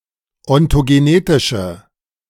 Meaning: inflection of ontogenetisch: 1. strong/mixed nominative/accusative feminine singular 2. strong nominative/accusative plural 3. weak nominative all-gender singular
- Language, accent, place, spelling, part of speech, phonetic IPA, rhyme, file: German, Germany, Berlin, ontogenetische, adjective, [ɔntoɡeˈneːtɪʃə], -eːtɪʃə, De-ontogenetische.ogg